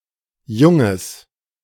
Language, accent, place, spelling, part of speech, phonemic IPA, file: German, Germany, Berlin, junges, adjective, /ˈjʊŋəs/, De-junges.ogg
- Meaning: strong/mixed nominative/accusative neuter singular of jung